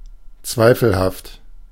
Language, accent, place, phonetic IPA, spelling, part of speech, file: German, Germany, Berlin, [ˈt͡svaɪ̯fl̩haft], zweifelhaft, adjective, De-zweifelhaft.ogg
- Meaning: 1. doubtful, not certain 2. dubious, questionable